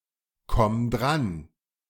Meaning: singular imperative of drankommen
- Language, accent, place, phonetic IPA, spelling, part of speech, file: German, Germany, Berlin, [ˌkɔm ˈdʁan], komm dran, verb, De-komm dran.ogg